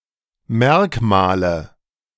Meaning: nominative/accusative/genitive plural of Merkmal
- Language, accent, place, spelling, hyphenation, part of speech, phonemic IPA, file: German, Germany, Berlin, Merkmale, Merk‧ma‧le, noun, /ˈmɛʁkmaːlə/, De-Merkmale.ogg